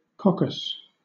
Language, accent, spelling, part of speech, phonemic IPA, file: English, Southern England, coccus, noun, /ˈkɒ.kəs/, LL-Q1860 (eng)-coccus.wav
- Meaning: 1. Any approximately spherical bacterium 2. One of the carpels or seed-vessels of a dry fruit